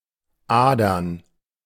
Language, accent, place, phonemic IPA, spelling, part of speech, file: German, Germany, Berlin, /ˈʔaːdɐn/, Adern, noun, De-Adern.ogg
- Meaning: plural of Ader